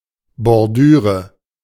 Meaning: border, edging, trim
- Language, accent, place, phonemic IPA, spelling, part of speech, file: German, Germany, Berlin, /bɔrˈdyːrə/, Bordüre, noun, De-Bordüre.ogg